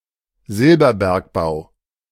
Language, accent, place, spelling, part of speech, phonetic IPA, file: German, Germany, Berlin, Silberbergbau, noun, [ˈzɪlbɐˌbɛʁkbaʊ̯], De-Silberbergbau.ogg
- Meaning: 1. silver mining 2. silver-mining industry